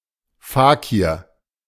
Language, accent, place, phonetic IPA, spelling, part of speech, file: German, Germany, Berlin, [ˈfaːkiːɐ̯], Fakir, noun, De-Fakir.ogg
- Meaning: fakir, faqir